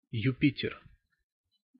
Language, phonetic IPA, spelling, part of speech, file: Russian, [jʉˈpʲitʲɪr], Юпитер, proper noun, Ru-Юпитер.ogg
- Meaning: Jupiter